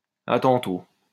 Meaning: see you later (on the same day)
- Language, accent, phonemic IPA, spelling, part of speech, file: French, France, /a tɑ̃.to/, à tantôt, phrase, LL-Q150 (fra)-à tantôt.wav